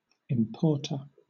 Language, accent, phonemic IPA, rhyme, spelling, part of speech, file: English, Southern England, /ɪmˈpɔː(ɹ)tə(ɹ)/, -ɔː(ɹ)tə(ɹ), importer, noun, LL-Q1860 (eng)-importer.wav
- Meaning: One who, or that which, imports: especially a person or company importing goods into a country